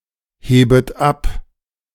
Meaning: second-person plural subjunctive I of abheben
- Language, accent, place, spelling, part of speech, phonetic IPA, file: German, Germany, Berlin, hebet ab, verb, [ˌheːbət ˈap], De-hebet ab.ogg